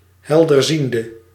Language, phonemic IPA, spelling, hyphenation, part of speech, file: Dutch, /ˌɦɛl.dərˈzin.də/, helderziende, hel‧der‧zien‧de, noun / adjective, Nl-helderziende.ogg
- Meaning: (noun) a psychic, a clairvoyant person; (adjective) inflection of helderziend: 1. masculine/feminine singular attributive 2. definite neuter singular attributive 3. plural attributive